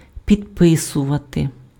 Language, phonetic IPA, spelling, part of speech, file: Ukrainian, [pʲidˈpɪsʊʋɐte], підписувати, verb, Uk-підписувати.ogg
- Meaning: to sign (write one's signature on)